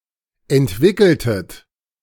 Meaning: inflection of entwickeln: 1. second-person plural preterite 2. second-person plural subjunctive II
- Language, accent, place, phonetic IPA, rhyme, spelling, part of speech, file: German, Germany, Berlin, [ɛntˈvɪkl̩tət], -ɪkl̩tət, entwickeltet, verb, De-entwickeltet.ogg